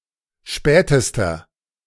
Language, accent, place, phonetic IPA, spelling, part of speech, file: German, Germany, Berlin, [ˈʃpɛːtəstɐ], spätester, adjective, De-spätester.ogg
- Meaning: inflection of spät: 1. strong/mixed nominative masculine singular superlative degree 2. strong genitive/dative feminine singular superlative degree 3. strong genitive plural superlative degree